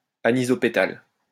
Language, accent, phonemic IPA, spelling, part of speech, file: French, France, /a.ni.zɔ.pe.tal/, anisopétale, adjective, LL-Q150 (fra)-anisopétale.wav
- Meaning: anisopetalous